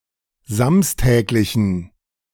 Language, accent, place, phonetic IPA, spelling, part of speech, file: German, Germany, Berlin, [ˈzamstɛːklɪçn̩], samstäglichen, adjective, De-samstäglichen.ogg
- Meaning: inflection of samstäglich: 1. strong genitive masculine/neuter singular 2. weak/mixed genitive/dative all-gender singular 3. strong/weak/mixed accusative masculine singular 4. strong dative plural